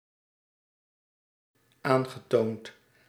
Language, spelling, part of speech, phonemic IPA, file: Dutch, aangetoond, verb / adjective, /ˈaŋɣəˌtont/, Nl-aangetoond.ogg
- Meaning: past participle of aantonen